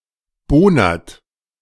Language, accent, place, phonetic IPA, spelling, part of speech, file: German, Germany, Berlin, [ˈboːnɐt], bohnert, verb, De-bohnert.ogg
- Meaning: inflection of bohnern: 1. third-person singular present 2. second-person plural present 3. plural imperative